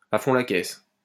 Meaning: at full throttle, pedal to the metal, hell-for-leather (at full speed)
- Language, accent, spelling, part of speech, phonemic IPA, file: French, France, à fond la caisse, adverb, /a fɔ̃ la kɛs/, LL-Q150 (fra)-à fond la caisse.wav